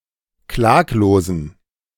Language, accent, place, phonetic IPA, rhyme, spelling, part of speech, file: German, Germany, Berlin, [ˈklaːkloːzn̩], -aːkloːzn̩, klaglosen, adjective, De-klaglosen.ogg
- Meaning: inflection of klaglos: 1. strong genitive masculine/neuter singular 2. weak/mixed genitive/dative all-gender singular 3. strong/weak/mixed accusative masculine singular 4. strong dative plural